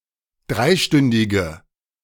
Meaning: inflection of dreistündig: 1. strong/mixed nominative/accusative feminine singular 2. strong nominative/accusative plural 3. weak nominative all-gender singular
- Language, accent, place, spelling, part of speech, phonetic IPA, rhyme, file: German, Germany, Berlin, dreistündige, adjective, [ˈdʁaɪ̯ˌʃtʏndɪɡə], -aɪ̯ʃtʏndɪɡə, De-dreistündige.ogg